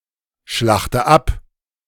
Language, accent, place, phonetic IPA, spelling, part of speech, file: German, Germany, Berlin, [ˌʃlaxtə ˈap], schlachte ab, verb, De-schlachte ab.ogg
- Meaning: inflection of abschlachten: 1. first-person singular present 2. first/third-person singular subjunctive I 3. singular imperative